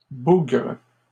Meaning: plural of bougre
- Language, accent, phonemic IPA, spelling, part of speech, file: French, Canada, /buɡʁ/, bougres, noun, LL-Q150 (fra)-bougres.wav